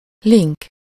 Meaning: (noun) link, hyperlink; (adjective) flighty, fickle, fishy, shifty, sleazy, phoney (unreliable, irresponsible, often dishonest)
- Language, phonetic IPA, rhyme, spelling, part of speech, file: Hungarian, [ˈliŋk], -iŋk, link, noun / adjective, Hu-link.ogg